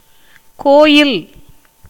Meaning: temple
- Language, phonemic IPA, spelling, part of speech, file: Tamil, /koːjɪl/, கோயில், noun, Ta-கோயில்.ogg